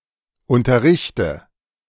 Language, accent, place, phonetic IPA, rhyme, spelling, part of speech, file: German, Germany, Berlin, [ˌʊntɐˈʁɪçtə], -ɪçtə, unterrichte, verb, De-unterrichte.ogg
- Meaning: inflection of unterrichten: 1. first-person singular present 2. first/third-person singular subjunctive I 3. singular imperative